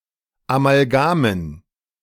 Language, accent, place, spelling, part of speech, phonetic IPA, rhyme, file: German, Germany, Berlin, Amalgamen, noun, [amalˈɡaːmən], -aːmən, De-Amalgamen.ogg
- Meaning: dative plural of Amalgam